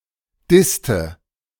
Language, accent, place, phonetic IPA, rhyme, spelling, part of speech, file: German, Germany, Berlin, [ˈdɪstə], -ɪstə, disste, verb, De-disste.ogg
- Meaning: inflection of dissen: 1. first/third-person singular preterite 2. first/third-person singular subjunctive II